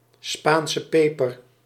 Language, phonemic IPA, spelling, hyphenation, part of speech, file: Dutch, /ˌspaːn.sə ˈpeː.pər/, Spaanse peper, Spaan‧se pe‧per, noun, Nl-Spaanse peper.ogg
- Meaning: a chili pepper; a spicy pepper of the genus Capsicum